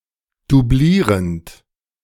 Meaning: present participle of dublieren
- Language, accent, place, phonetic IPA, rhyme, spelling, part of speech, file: German, Germany, Berlin, [duˈbliːʁənt], -iːʁənt, dublierend, verb, De-dublierend.ogg